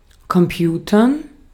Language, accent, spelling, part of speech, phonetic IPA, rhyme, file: German, Austria, Computern, noun, [kɔmˈpjuːtɐn], -uːtɐn, De-at-Computern.ogg
- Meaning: dative plural of Computer